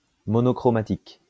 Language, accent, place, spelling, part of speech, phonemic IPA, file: French, France, Lyon, monochromatique, adjective, /mɔ.nɔ.kʁɔ.ma.tik/, LL-Q150 (fra)-monochromatique.wav
- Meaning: monochromatic